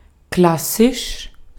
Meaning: classical
- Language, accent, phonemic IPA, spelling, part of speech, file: German, Austria, /ˈklasɪʃ/, klassisch, adjective, De-at-klassisch.ogg